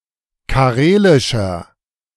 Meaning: inflection of karelisch: 1. strong/mixed nominative masculine singular 2. strong genitive/dative feminine singular 3. strong genitive plural
- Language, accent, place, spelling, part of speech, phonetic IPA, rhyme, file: German, Germany, Berlin, karelischer, adjective, [kaˈʁeːlɪʃɐ], -eːlɪʃɐ, De-karelischer.ogg